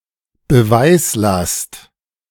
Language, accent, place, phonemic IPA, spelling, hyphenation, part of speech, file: German, Germany, Berlin, /bəˈvaɪ̯slast/, Beweislast, Be‧weis‧last, noun, De-Beweislast.ogg
- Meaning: burden of proof, onus, onus probandi